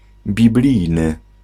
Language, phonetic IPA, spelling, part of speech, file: Polish, [bʲiˈblʲijnɨ], biblijny, adjective, Pl-biblijny.ogg